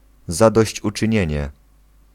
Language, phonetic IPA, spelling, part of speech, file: Polish, [ˌzadɔɕt͡ɕut͡ʃɨ̃ˈɲɛ̇̃ɲɛ], zadośćuczynienie, noun, Pl-zadośćuczynienie.ogg